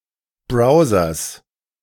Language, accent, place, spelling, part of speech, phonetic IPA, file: German, Germany, Berlin, Browsers, noun, [ˈbʁaʊ̯zɐs], De-Browsers.ogg
- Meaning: genitive singular of Browser